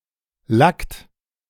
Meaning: inflection of lacken: 1. second-person plural present 2. third-person singular present 3. plural imperative
- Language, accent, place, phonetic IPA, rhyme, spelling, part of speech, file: German, Germany, Berlin, [lakt], -akt, lackt, verb, De-lackt.ogg